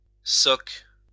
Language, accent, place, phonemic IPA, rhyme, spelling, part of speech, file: French, France, Lyon, /sɔk/, -ɔk, socque, noun, LL-Q150 (fra)-socque.wav
- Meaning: 1. sock, soccus (symbolizing comedy) 2. clog